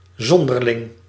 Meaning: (adjective) eccentric, strange, weird; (noun) a weirdo, eccentric (a person standing out by unusual behaviour or clothing)
- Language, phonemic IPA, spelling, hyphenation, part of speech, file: Dutch, /ˈzɔn.dər.lɪŋ/, zonderling, zon‧der‧ling, adjective / noun, Nl-zonderling.ogg